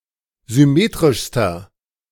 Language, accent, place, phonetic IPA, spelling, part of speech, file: German, Germany, Berlin, [zʏˈmeːtʁɪʃstɐ], symmetrischster, adjective, De-symmetrischster.ogg
- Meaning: inflection of symmetrisch: 1. strong/mixed nominative masculine singular superlative degree 2. strong genitive/dative feminine singular superlative degree 3. strong genitive plural superlative degree